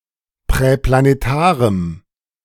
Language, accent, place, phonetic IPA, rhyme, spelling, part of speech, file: German, Germany, Berlin, [pʁɛplaneˈtaːʁəm], -aːʁəm, präplanetarem, adjective, De-präplanetarem.ogg
- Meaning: strong dative masculine/neuter singular of präplanetar